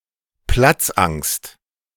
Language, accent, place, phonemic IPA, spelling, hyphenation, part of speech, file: German, Germany, Berlin, /ˈplat͡s.aŋst/, Platzangst, Platz‧angst, noun, De-Platzangst.ogg
- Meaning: 1. claustrophobia 2. agoraphobia